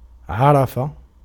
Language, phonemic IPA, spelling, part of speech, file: Arabic, /ʕa.ra.fa/, عرف, verb, Ar-عرف.ogg
- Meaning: 1. to be familiar with (a person, a place, a piece of news or information, and so on); to know 2. to be familiar with (a skill or profession); to be experienced in; to be proficient at or in; can